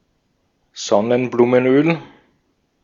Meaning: sunflower oil
- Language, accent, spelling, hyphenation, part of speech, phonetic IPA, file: German, Austria, Sonnenblumenöl, Son‧nen‧blu‧men‧öl, noun, [ˈzɔnənbluːmənˌʔøːl], De-at-Sonnenblumenöl.ogg